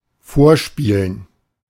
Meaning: 1. to perform something for; to play something for 2. to audition 3. to fake something, to give a false impression in order to deceive
- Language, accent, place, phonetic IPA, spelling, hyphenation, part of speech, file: German, Germany, Berlin, [ˈfoːɐ̯ˌʃpiːlən], vorspielen, vor‧spie‧len, verb, De-vorspielen.ogg